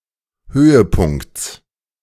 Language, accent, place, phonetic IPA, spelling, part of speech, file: German, Germany, Berlin, [ˈhøːəˌpʊŋkt͡s], Höhepunkts, noun, De-Höhepunkts.ogg
- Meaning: genitive singular of Höhepunkt